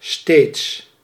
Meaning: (adverb) 1. always, continually, all the time, every time, each time 2. increasingly, more and more, ever (+ comparative); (adjective) alternative form of stads
- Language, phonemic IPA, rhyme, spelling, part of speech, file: Dutch, /steːts/, -eːts, steeds, adverb / adjective, Nl-steeds.ogg